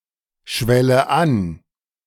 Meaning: inflection of anschwellen: 1. first-person singular present 2. first/third-person singular subjunctive I
- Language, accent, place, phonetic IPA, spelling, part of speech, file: German, Germany, Berlin, [ˌʃvɛlə ˈan], schwelle an, verb, De-schwelle an.ogg